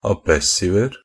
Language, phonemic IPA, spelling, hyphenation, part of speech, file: Norwegian Bokmål, /aˈbɛsːɪʋər/, abessiver, ab‧es‧siv‧er, noun, NB - Pronunciation of Norwegian Bokmål «abessiver».ogg
- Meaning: indefinite plural of abessiv